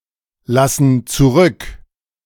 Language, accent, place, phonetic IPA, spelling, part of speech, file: German, Germany, Berlin, [ˌlasn̩ t͡suˈʁʏk], lassen zurück, verb, De-lassen zurück.ogg
- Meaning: inflection of zurücklassen: 1. first/third-person plural present 2. first/third-person plural subjunctive I